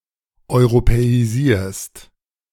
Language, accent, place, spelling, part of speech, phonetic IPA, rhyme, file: German, Germany, Berlin, europäisierst, verb, [ɔɪ̯ʁopɛiˈziːɐ̯st], -iːɐ̯st, De-europäisierst.ogg
- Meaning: second-person singular present of europäisieren